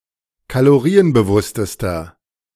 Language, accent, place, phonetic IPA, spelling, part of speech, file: German, Germany, Berlin, [kaloˈʁiːənbəˌvʊstəstɐ], kalorienbewusstester, adjective, De-kalorienbewusstester.ogg
- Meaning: inflection of kalorienbewusst: 1. strong/mixed nominative masculine singular superlative degree 2. strong genitive/dative feminine singular superlative degree